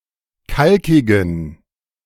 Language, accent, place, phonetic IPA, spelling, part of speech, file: German, Germany, Berlin, [ˈkalkɪɡn̩], kalkigen, adjective, De-kalkigen.ogg
- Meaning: inflection of kalkig: 1. strong genitive masculine/neuter singular 2. weak/mixed genitive/dative all-gender singular 3. strong/weak/mixed accusative masculine singular 4. strong dative plural